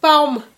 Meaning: apple
- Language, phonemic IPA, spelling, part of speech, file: Malagasy, /paumạ/, paoma, noun, Mg-paoma.ogg